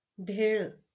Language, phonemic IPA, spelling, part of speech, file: Marathi, /bʱeɭ̆/, भेळ, noun, LL-Q1571 (mar)-भेळ.wav
- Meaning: bhelpuri (a mixture of puffed rice and roasted gram)